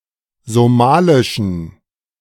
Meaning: inflection of somalisch: 1. strong genitive masculine/neuter singular 2. weak/mixed genitive/dative all-gender singular 3. strong/weak/mixed accusative masculine singular 4. strong dative plural
- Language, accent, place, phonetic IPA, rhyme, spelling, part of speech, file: German, Germany, Berlin, [zoˈmaːlɪʃn̩], -aːlɪʃn̩, somalischen, adjective, De-somalischen.ogg